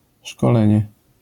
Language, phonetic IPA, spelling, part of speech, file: Polish, [ʃkɔˈlɛ̃ɲɛ], szkolenie, noun, LL-Q809 (pol)-szkolenie.wav